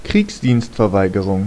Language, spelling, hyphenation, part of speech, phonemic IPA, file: German, Kriegsdienstverweigerung, Kriegs‧dienst‧ver‧wei‧ge‧rung, noun, /ˈkʁiːksdiːnstfɛɐ̯ˌvaɪ̯ɡəʁʊŋ/, De-Kriegsdienstverweigerung.ogg
- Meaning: conscientious objection (refusal to perform military service on the grounds of freedom of thought, conscience, or religion)